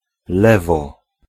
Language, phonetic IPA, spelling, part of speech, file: Polish, [ˈlɛvɔ], lewo, noun, Pl-lewo.ogg